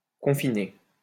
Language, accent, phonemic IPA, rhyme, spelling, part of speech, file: French, France, /kɔ̃.fi.ne/, -e, confiner, verb, LL-Q150 (fra)-confiner.wav
- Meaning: 1. to confine 2. to border (on)